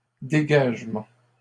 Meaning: 1. clearance, clearing 2. emission (of gases) 3. disengagement (military) 4. freeing (of prisoners etc) 5. clearance
- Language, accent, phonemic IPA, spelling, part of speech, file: French, Canada, /de.ɡaʒ.mɑ̃/, dégagement, noun, LL-Q150 (fra)-dégagement.wav